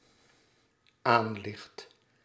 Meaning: second/third-person singular dependent-clause present indicative of aanliggen
- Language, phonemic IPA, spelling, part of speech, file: Dutch, /ˈanlɪxt/, aanligt, verb, Nl-aanligt.ogg